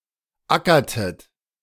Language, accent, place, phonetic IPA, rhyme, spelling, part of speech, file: German, Germany, Berlin, [ˈakɐtət], -akɐtət, ackertet, verb, De-ackertet.ogg
- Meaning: inflection of ackern: 1. second-person plural preterite 2. second-person plural subjunctive II